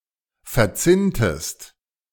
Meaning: inflection of verzinnen: 1. second-person singular preterite 2. second-person singular subjunctive II
- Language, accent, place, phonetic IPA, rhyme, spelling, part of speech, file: German, Germany, Berlin, [fɛɐ̯ˈt͡sɪntəst], -ɪntəst, verzinntest, verb, De-verzinntest.ogg